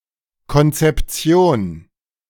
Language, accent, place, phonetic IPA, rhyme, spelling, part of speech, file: German, Germany, Berlin, [kɔnt͡sɛpˈt͡si̯oːn], -oːn, Konzeption, noun, De-Konzeption.ogg
- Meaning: 1. conception 2. doctrine 3. concept